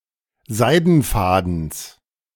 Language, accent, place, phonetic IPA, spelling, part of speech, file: German, Germany, Berlin, [ˈzaɪ̯dn̩ˌfaːdn̩s], Seidenfadens, noun, De-Seidenfadens.ogg
- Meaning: genitive singular of Seidenfaden